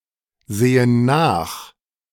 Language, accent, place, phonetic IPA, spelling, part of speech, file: German, Germany, Berlin, [ˌzeːən ˈnaːx], sehen nach, verb, De-sehen nach.ogg
- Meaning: inflection of nachsehen: 1. first/third-person plural present 2. first/third-person plural subjunctive I